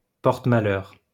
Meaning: jinx, bad-luck charm
- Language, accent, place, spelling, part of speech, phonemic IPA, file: French, France, Lyon, porte-malheur, noun, /pɔʁ.t(ə).ma.lœʁ/, LL-Q150 (fra)-porte-malheur.wav